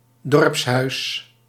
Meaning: 1. a village meetinghouse, a community centre in a village 2. the government building of a village
- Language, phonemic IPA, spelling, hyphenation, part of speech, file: Dutch, /ˈdɔrps.ɦœy̯s/, dorpshuis, dorps‧huis, noun, Nl-dorpshuis.ogg